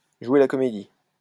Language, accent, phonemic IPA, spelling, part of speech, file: French, France, /ʒwe la kɔ.me.di/, jouer la comédie, verb, LL-Q150 (fra)-jouer la comédie.wav
- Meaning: 1. to put on an act 2. to dive (to imitate a foul)